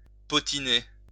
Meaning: to gossip
- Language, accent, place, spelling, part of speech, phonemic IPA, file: French, France, Lyon, potiner, verb, /pɔ.ti.ne/, LL-Q150 (fra)-potiner.wav